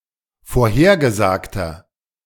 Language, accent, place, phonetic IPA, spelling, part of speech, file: German, Germany, Berlin, [foːɐ̯ˈheːɐ̯ɡəˌzaːktɐ], vorhergesagter, adjective, De-vorhergesagter.ogg
- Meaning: inflection of vorhergesagt: 1. strong/mixed nominative masculine singular 2. strong genitive/dative feminine singular 3. strong genitive plural